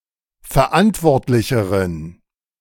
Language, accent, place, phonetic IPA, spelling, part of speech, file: German, Germany, Berlin, [fɛɐ̯ˈʔantvɔʁtlɪçəʁən], verantwortlicheren, adjective, De-verantwortlicheren.ogg
- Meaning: inflection of verantwortlich: 1. strong genitive masculine/neuter singular comparative degree 2. weak/mixed genitive/dative all-gender singular comparative degree